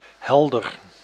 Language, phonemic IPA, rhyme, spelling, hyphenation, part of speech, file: Dutch, /ˈɦɛldər/, -ɛldər, helder, hel‧der, adjective, Nl-helder.ogg
- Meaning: 1. clear, bright 2. clear, lucid, obvious 3. clear, transparent, lucid